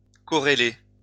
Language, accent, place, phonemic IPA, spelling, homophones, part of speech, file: French, France, Lyon, /kɔ.ʁe.le/, corréler, corrélai / corrélé / corrélée / corrélées / corrélés / corrélez, verb, LL-Q150 (fra)-corréler.wav
- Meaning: to correlate